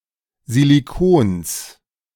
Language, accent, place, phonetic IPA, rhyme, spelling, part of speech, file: German, Germany, Berlin, [ziliˈkoːns], -oːns, Silikons, noun, De-Silikons.ogg
- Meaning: genitive singular of Silikon